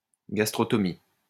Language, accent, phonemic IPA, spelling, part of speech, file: French, France, /ɡas.tʁɔ.tɔ.mi/, gastrotomie, noun, LL-Q150 (fra)-gastrotomie.wav
- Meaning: gastrotomy